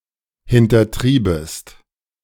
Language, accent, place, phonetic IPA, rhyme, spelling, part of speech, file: German, Germany, Berlin, [hɪntɐˈtʁiːbəst], -iːbəst, hintertriebest, verb, De-hintertriebest.ogg
- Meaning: second-person singular subjunctive II of hintertreiben